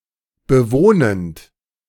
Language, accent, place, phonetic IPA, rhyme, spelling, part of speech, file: German, Germany, Berlin, [bəˈvoːnənt], -oːnənt, bewohnend, verb, De-bewohnend.ogg
- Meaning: present participle of bewohnen